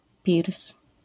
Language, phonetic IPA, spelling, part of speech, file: Polish, [pʲirs], pirs, noun, LL-Q809 (pol)-pirs.wav